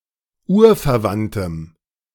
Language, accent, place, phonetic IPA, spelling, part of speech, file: German, Germany, Berlin, [ˈuːɐ̯fɛɐ̯ˌvantəm], urverwandtem, adjective, De-urverwandtem.ogg
- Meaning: strong dative masculine/neuter singular of urverwandt